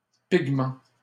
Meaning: pigment, coloring substance
- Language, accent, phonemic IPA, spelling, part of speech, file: French, Canada, /piɡ.mɑ̃/, pigment, noun, LL-Q150 (fra)-pigment.wav